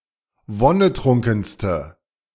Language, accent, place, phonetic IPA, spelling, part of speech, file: German, Germany, Berlin, [ˈvɔnəˌtʁʊŋkn̩stə], wonnetrunkenste, adjective, De-wonnetrunkenste.ogg
- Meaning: inflection of wonnetrunken: 1. strong/mixed nominative/accusative feminine singular superlative degree 2. strong nominative/accusative plural superlative degree